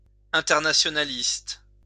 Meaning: internationalism; internationalist
- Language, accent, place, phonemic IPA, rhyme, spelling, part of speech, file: French, France, Lyon, /ɛ̃.tɛʁ.na.sjɔ.na.list/, -ist, internationaliste, adjective, LL-Q150 (fra)-internationaliste.wav